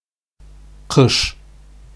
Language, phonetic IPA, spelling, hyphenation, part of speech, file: Bashkir, [qɯ̞ʂ], ҡыш, ҡыш, noun, Ba-ҡыш.ogg
- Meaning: winter